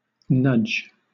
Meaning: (noun) 1. A gentle push 2. A feature of instant messaging software used to get the attention of another user, as by shaking the conversation window or playing a sound
- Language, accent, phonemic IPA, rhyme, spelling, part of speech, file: English, Southern England, /nʌd͡ʒ/, -ʌdʒ, nudge, noun / verb, LL-Q1860 (eng)-nudge.wav